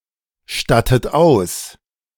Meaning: inflection of ausstatten: 1. second-person plural present 2. second-person plural subjunctive I 3. third-person singular present 4. plural imperative
- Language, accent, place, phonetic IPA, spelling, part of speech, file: German, Germany, Berlin, [ˌʃtatət ˈaʊ̯s], stattet aus, verb, De-stattet aus.ogg